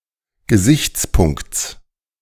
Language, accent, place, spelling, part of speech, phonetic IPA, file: German, Germany, Berlin, Gesichtspunkts, noun, [ɡəˈzɪçt͡sˌpʊŋkt͡s], De-Gesichtspunkts.ogg
- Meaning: genitive singular of Gesichtspunkt